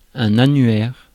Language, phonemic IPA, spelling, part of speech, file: French, /a.nɥɛʁ/, annuaire, noun, Fr-annuaire.ogg
- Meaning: 1. annual; year book (yearly publication) 2. directory